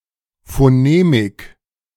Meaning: phonemics
- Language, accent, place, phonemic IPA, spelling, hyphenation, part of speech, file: German, Germany, Berlin, /foˈneːmɪk/, Phonemik, Pho‧ne‧mik, noun, De-Phonemik.ogg